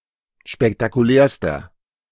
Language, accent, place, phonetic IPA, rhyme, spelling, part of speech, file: German, Germany, Berlin, [ʃpɛktakuˈlɛːɐ̯stɐ], -ɛːɐ̯stɐ, spektakulärster, adjective, De-spektakulärster.ogg
- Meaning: inflection of spektakulär: 1. strong/mixed nominative masculine singular superlative degree 2. strong genitive/dative feminine singular superlative degree 3. strong genitive plural superlative degree